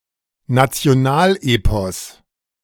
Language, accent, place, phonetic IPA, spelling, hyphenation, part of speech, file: German, Germany, Berlin, [nat͡si̯oˈnaːlˌʔeːpɔs], Nationalepos, Na‧ti‧o‧nal‧epos, noun, De-Nationalepos.ogg
- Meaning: national epic